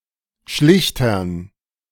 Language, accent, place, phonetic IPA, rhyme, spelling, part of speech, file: German, Germany, Berlin, [ˈʃlɪçtɐn], -ɪçtɐn, Schlichtern, noun, De-Schlichtern.ogg
- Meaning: dative plural of Schlichter